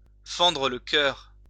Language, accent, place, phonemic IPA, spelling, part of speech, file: French, France, Lyon, /fɑ̃.dʁə l(ə) kœʁ/, fendre le cœur, verb, LL-Q150 (fra)-fendre le cœur.wav
- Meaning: to break (someone's) heart